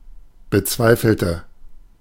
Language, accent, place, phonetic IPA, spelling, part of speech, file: German, Germany, Berlin, [bəˈt͡svaɪ̯fl̩tə], bezweifelte, adjective / verb, De-bezweifelte.ogg
- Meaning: inflection of bezweifeln: 1. first/third-person singular preterite 2. first/third-person singular subjunctive II